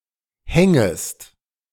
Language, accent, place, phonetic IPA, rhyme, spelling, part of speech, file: German, Germany, Berlin, [ˈhɛŋəst], -ɛŋəst, hängest, verb, De-hängest.ogg
- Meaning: second-person singular subjunctive I of hängen